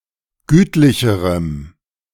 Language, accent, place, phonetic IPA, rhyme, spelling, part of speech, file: German, Germany, Berlin, [ˈɡyːtlɪçəʁəm], -yːtlɪçəʁəm, gütlicherem, adjective, De-gütlicherem.ogg
- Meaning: strong dative masculine/neuter singular comparative degree of gütlich